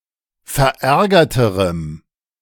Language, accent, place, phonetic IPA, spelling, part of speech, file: German, Germany, Berlin, [fɛɐ̯ˈʔɛʁɡɐtəʁəm], verärgerterem, adjective, De-verärgerterem.ogg
- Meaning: strong dative masculine/neuter singular comparative degree of verärgert